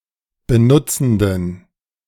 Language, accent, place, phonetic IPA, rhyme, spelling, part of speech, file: German, Germany, Berlin, [bəˈnʊt͡sn̩dən], -ʊt͡sn̩dən, benutzenden, adjective, De-benutzenden.ogg
- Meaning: inflection of benutzend: 1. strong genitive masculine/neuter singular 2. weak/mixed genitive/dative all-gender singular 3. strong/weak/mixed accusative masculine singular 4. strong dative plural